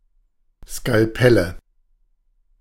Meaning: nominative/accusative/genitive plural of Skalpell
- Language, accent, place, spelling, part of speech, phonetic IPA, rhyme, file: German, Germany, Berlin, Skalpelle, noun, [skalˈpɛlə], -ɛlə, De-Skalpelle.ogg